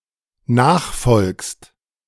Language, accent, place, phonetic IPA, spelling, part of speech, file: German, Germany, Berlin, [ˈnaːxˌfɔlkst], nachfolgst, verb, De-nachfolgst.ogg
- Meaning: second-person singular dependent present of nachfolgen